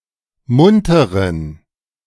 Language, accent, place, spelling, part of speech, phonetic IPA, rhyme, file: German, Germany, Berlin, munteren, adjective, [ˈmʊntəʁən], -ʊntəʁən, De-munteren.ogg
- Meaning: inflection of munter: 1. strong genitive masculine/neuter singular 2. weak/mixed genitive/dative all-gender singular 3. strong/weak/mixed accusative masculine singular 4. strong dative plural